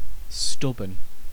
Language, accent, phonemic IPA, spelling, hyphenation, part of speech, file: English, UK, /ˈstʌbən/, stubborn, stub‧born, adjective / noun, En-uk-stubborn.ogg
- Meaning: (adjective) 1. Refusing to move or to change one's opinion; obstinate; firmly resisting; persistent in doing something 2. Physically stiff and inflexible; not easily melted or worked